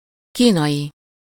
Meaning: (adjective) Chinese (of or relating to China, its people or language); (noun) 1. Chinese (person) 2. Chinese (language)
- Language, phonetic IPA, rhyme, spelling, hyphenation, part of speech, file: Hungarian, [ˈkiːnɒji], -ji, kínai, kí‧nai, adjective / noun, Hu-kínai.ogg